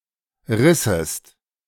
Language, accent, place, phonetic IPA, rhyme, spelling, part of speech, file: German, Germany, Berlin, [ˈʁɪsəst], -ɪsəst, rissest, verb, De-rissest.ogg
- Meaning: second-person singular subjunctive II of reißen